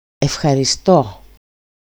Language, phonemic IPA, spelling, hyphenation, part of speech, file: Greek, /ef.xa.ɾiˈsto/, ευχαριστώ, ευ‧χα‧ρι‧στώ, interjection / verb, EL-ευχαριστώ.ogg
- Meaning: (interjection) thank you!, thanks! (first-person singular of verb); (verb) 1. to thank 2. to please